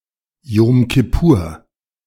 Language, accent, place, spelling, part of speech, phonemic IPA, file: German, Germany, Berlin, Jom Kippur, proper noun, /ˈjoːm kɪˈpuːɐ̯/, De-Jom Kippur.ogg
- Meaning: Yom Kippur (Day of Atonement)